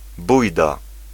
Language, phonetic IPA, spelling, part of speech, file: Polish, [ˈbujda], bujda, noun, Pl-bujda.ogg